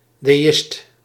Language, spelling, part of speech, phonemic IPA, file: Dutch, deïst, noun, /deːˈɪst/, Nl-deïst.ogg
- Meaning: deist